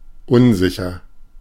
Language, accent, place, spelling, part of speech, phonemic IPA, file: German, Germany, Berlin, unsicher, adjective, /ˈʊnˌzɪçɐ/, De-unsicher.ogg
- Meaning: 1. uncertain 2. unsafe 3. insecure